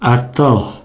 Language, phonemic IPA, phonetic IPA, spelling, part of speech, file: Pashto, /a.tə/, [ä.t̪ə́], اته, numeral, Ps-اته.oga
- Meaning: eight